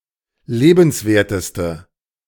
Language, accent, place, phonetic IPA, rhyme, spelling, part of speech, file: German, Germany, Berlin, [ˈleːbn̩sˌveːɐ̯təstə], -eːbn̩sveːɐ̯təstə, lebenswerteste, adjective, De-lebenswerteste.ogg
- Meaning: inflection of lebenswert: 1. strong/mixed nominative/accusative feminine singular superlative degree 2. strong nominative/accusative plural superlative degree